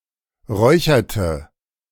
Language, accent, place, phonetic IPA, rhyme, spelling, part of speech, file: German, Germany, Berlin, [ˈʁɔɪ̯çɐtə], -ɔɪ̯çɐtə, räucherte, verb, De-räucherte.ogg
- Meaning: inflection of räuchern: 1. first/third-person singular preterite 2. first/third-person singular subjunctive II